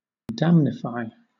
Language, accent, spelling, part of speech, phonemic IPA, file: English, Southern England, damnify, verb, /ˈdæmnɪfaɪ/, LL-Q1860 (eng)-damnify.wav
- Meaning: 1. To damage physically; to injure 2. To cause injuries or loss to